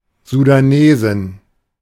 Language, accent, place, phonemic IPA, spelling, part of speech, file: German, Germany, Berlin, /zudaˈneːzɪn/, Sudanesin, noun, De-Sudanesin.ogg
- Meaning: female Sudanese